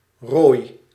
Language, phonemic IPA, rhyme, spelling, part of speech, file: Dutch, /roːi̯/, -oːi̯, rooi, adjective / noun / verb, Nl-rooi.ogg
- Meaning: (adjective) alternative form of rood (“red”); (noun) line; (verb) inflection of rooien: 1. first-person singular present indicative 2. second-person singular present indicative 3. imperative